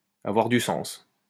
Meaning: to make sense
- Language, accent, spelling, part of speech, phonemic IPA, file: French, France, avoir du sens, verb, /a.vwaʁ dy sɑ̃s/, LL-Q150 (fra)-avoir du sens.wav